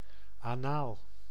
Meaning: anal, of or relating to the anus
- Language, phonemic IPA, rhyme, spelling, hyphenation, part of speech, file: Dutch, /aːˈnaːl/, -aːl, anaal, anaal, adjective, Nl-anaal.ogg